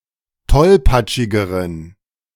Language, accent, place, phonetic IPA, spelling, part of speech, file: German, Germany, Berlin, [ˈtɔlpat͡ʃɪɡəʁən], tollpatschigeren, adjective, De-tollpatschigeren.ogg
- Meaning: inflection of tollpatschig: 1. strong genitive masculine/neuter singular comparative degree 2. weak/mixed genitive/dative all-gender singular comparative degree